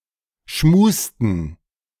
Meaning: inflection of schmusen: 1. first/third-person plural preterite 2. first/third-person plural subjunctive II
- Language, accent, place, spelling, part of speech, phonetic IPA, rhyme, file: German, Germany, Berlin, schmusten, verb, [ˈʃmuːstn̩], -uːstn̩, De-schmusten.ogg